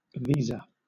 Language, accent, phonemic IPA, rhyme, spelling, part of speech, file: English, Southern England, /ˈviː.zə/, -iːzə, visa, noun / verb, LL-Q1860 (eng)-visa.wav
- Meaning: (noun) A permit to enter and leave a country, normally issued by the authorities of the country to be visited; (verb) To endorse (a passport, etc.)